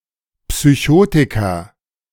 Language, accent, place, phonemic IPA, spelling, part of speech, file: German, Germany, Berlin, /psyˈçoːtɪkɐ/, Psychotiker, noun, De-Psychotiker.ogg
- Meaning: psychotic